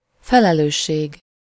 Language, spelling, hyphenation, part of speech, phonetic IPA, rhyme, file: Hungarian, felelősség, fe‧le‧lős‧ség, noun, [ˈfɛlɛløːʃːeːɡ], -eːɡ, Hu-felelősség.ogg
- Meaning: responsibility